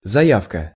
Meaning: application, claim, request, demand
- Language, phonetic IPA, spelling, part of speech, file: Russian, [zɐˈjafkə], заявка, noun, Ru-заявка.ogg